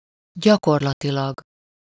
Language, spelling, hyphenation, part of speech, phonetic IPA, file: Hungarian, gyakorlatilag, gya‧kor‧la‧ti‧lag, adverb, [ˈɟɒkorlɒtilɒɡ], Hu-gyakorlatilag.ogg
- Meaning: 1. in practice, realistically, empirically 2. practically, basically, by and large, for all practical purposes